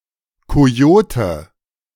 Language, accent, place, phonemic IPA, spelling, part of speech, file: German, Germany, Berlin, /koˈjoːtə/, Kojote, noun, De-Kojote.ogg
- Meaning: coyote, Canis latrans (male or of unspecified gender)